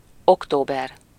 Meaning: October
- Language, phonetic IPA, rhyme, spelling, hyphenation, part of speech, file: Hungarian, [ˈoktoːbɛr], -ɛr, október, ok‧tó‧ber, noun, Hu-október.ogg